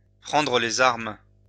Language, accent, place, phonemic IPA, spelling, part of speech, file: French, France, Lyon, /pʁɑ̃.dʁə le.z‿aʁm/, prendre les armes, verb, LL-Q150 (fra)-prendre les armes.wav
- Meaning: to take up arms